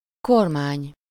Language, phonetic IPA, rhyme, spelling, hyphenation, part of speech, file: Hungarian, [ˈkormaːɲ], -aːɲ, kormány, kor‧mány, noun, Hu-kormány.ogg
- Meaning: 1. steering wheel 2. helm 3. government